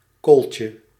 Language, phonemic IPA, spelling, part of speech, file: Dutch, /ˈkolcə/, kooltje, noun, Nl-kooltje.ogg
- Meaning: diminutive of kool